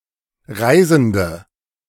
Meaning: 1. female equivalent of Reisender: female tourist; female traveller, female voyager 2. inflection of Reisender: strong nominative/accusative plural 3. inflection of Reisender: weak nominative singular
- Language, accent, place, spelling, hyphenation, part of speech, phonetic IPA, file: German, Germany, Berlin, Reisende, Rei‧sen‧de, noun, [ˈʁaɪ̯zn̩də], De-Reisende.ogg